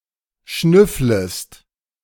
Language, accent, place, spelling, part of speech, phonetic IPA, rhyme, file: German, Germany, Berlin, schnüfflest, verb, [ˈʃnʏfləst], -ʏfləst, De-schnüfflest.ogg
- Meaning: second-person singular subjunctive I of schnüffeln